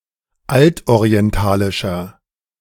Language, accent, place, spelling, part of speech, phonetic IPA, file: German, Germany, Berlin, altorientalischer, adjective, [ˈaltʔoʁiɛnˌtaːlɪʃɐ], De-altorientalischer.ogg
- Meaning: inflection of altorientalisch: 1. strong/mixed nominative masculine singular 2. strong genitive/dative feminine singular 3. strong genitive plural